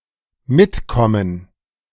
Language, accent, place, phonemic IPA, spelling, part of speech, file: German, Germany, Berlin, /ˈmɪtˌkɔmən/, mitkommen, verb, De-mitkommen.ogg
- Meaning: 1. to come with, to join and come along with (another person) 2. to understand (something)